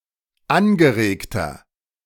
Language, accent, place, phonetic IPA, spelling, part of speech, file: German, Germany, Berlin, [ˈanɡəˌʁeːktɐ], angeregter, adjective, De-angeregter.ogg
- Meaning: 1. comparative degree of angeregt 2. inflection of angeregt: strong/mixed nominative masculine singular 3. inflection of angeregt: strong genitive/dative feminine singular